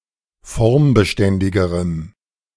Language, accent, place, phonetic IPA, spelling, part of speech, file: German, Germany, Berlin, [ˈfɔʁmbəˌʃtɛndɪɡəʁəm], formbeständigerem, adjective, De-formbeständigerem.ogg
- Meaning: strong dative masculine/neuter singular comparative degree of formbeständig